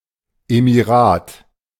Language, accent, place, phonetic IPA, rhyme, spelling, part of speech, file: German, Germany, Berlin, [ˌemiˈʁaːt], -aːt, Emirat, noun, De-Emirat.ogg
- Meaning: emirate (country or province ruled by an emir)